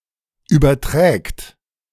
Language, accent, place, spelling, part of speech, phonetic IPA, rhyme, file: German, Germany, Berlin, überträgt, verb, [ˌyːbɐˈtʁɛːkt], -ɛːkt, De-überträgt.ogg
- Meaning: third-person singular present of übertragen